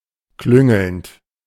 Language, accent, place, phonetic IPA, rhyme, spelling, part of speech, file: German, Germany, Berlin, [ˈklʏŋl̩nt], -ʏŋl̩nt, klüngelnd, verb, De-klüngelnd.ogg
- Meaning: present participle of klüngeln